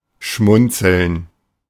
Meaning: to smile slightly, smirk (not smugly, but in an amused or contented way; e.g. when witnessing an amusing scene or conversation)
- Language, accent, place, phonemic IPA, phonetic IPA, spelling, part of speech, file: German, Germany, Berlin, /ˈʃmʊntsəln/, [ˈʃmʊn.t͡sl̩n], schmunzeln, verb, De-schmunzeln.ogg